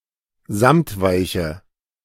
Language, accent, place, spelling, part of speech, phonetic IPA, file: German, Germany, Berlin, samtweiche, adjective, [ˈzamtˌvaɪ̯çə], De-samtweiche.ogg
- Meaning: inflection of samtweich: 1. strong/mixed nominative/accusative feminine singular 2. strong nominative/accusative plural 3. weak nominative all-gender singular